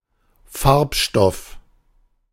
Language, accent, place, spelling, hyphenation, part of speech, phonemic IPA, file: German, Germany, Berlin, Farbstoff, Farb‧stoff, noun, /ˈfaʁp.ˌʃtɔf/, De-Farbstoff.ogg
- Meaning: dye, pigment